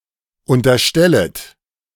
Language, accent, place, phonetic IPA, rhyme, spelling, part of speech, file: German, Germany, Berlin, [ˌʊntɐˈʃtɛlət], -ɛlət, unterstellet, verb, De-unterstellet.ogg
- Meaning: second-person plural subjunctive I of unterstellen